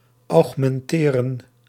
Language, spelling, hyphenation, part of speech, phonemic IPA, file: Dutch, augmenteren, aug‧men‧te‧ren, verb, /ɑu̯xmɛnˈteːrə(n)/, Nl-augmenteren.ogg
- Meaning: to augment, to increase